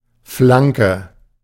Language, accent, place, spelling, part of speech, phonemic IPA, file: German, Germany, Berlin, Flanke, noun, /ˈflaŋkə/, De-Flanke.ogg
- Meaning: 1. flank, side (of the body) 2. flank (side of the field) 3. cross (ball from the flank towards the centre)